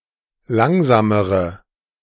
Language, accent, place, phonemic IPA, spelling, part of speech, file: German, Germany, Berlin, /ˈlaŋzaːməʁə/, langsamere, adjective, De-langsamere.ogg
- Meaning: inflection of langsam: 1. strong/mixed nominative/accusative feminine singular comparative degree 2. strong nominative/accusative plural comparative degree